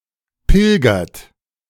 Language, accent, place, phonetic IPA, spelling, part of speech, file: German, Germany, Berlin, [ˈpɪlɡɐt], pilgert, verb, De-pilgert.ogg
- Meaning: inflection of pilgern: 1. third-person singular present 2. second-person plural present 3. plural imperative